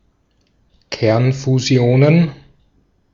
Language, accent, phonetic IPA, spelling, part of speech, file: German, Austria, [ˈkɛʁnfuˌzi̯oːnən], Kernfusionen, noun, De-at-Kernfusionen.ogg
- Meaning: plural of Kernfusion